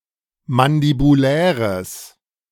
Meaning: strong/mixed nominative/accusative neuter singular of mandibulär
- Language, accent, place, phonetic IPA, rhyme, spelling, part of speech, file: German, Germany, Berlin, [mandibuˈlɛːʁəs], -ɛːʁəs, mandibuläres, adjective, De-mandibuläres.ogg